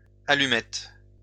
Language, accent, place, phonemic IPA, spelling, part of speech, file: French, France, Lyon, /a.ly.mɛt/, allumettes, noun, LL-Q150 (fra)-allumettes.wav
- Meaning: plural of allumette